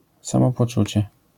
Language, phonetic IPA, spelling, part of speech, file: Polish, [ˌsãmɔpɔˈt͡ʃut͡ɕɛ], samopoczucie, noun, LL-Q809 (pol)-samopoczucie.wav